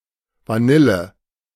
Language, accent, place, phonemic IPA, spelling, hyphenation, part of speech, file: German, Germany, Berlin, /vaˈnɪljə/, Vanille, Va‧nil‧le, noun, De-Vanille.ogg
- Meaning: vanilla